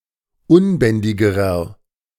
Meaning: inflection of unbändig: 1. strong/mixed nominative masculine singular comparative degree 2. strong genitive/dative feminine singular comparative degree 3. strong genitive plural comparative degree
- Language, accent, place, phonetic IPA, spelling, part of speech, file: German, Germany, Berlin, [ˈʊnˌbɛndɪɡəʁɐ], unbändigerer, adjective, De-unbändigerer.ogg